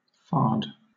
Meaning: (verb) 1. To paint, as the cheeks or face 2. To embellish or gloss over; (noun) Colour or paint, especially white paint, used on the face; makeup, war-paint
- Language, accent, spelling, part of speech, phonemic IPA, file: English, Southern England, fard, verb / noun / adjective, /fɑːd/, LL-Q1860 (eng)-fard.wav